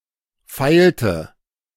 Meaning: inflection of feilen: 1. first/third-person singular preterite 2. first/third-person singular subjunctive II
- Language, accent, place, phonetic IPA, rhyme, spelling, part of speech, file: German, Germany, Berlin, [ˈfaɪ̯ltə], -aɪ̯ltə, feilte, verb, De-feilte.ogg